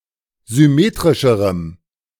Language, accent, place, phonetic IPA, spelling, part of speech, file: German, Germany, Berlin, [zʏˈmeːtʁɪʃəʁəm], symmetrischerem, adjective, De-symmetrischerem.ogg
- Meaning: strong dative masculine/neuter singular comparative degree of symmetrisch